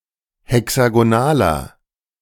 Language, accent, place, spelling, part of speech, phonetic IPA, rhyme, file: German, Germany, Berlin, hexagonaler, adjective, [hɛksaɡoˈnaːlɐ], -aːlɐ, De-hexagonaler.ogg
- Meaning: inflection of hexagonal: 1. strong/mixed nominative masculine singular 2. strong genitive/dative feminine singular 3. strong genitive plural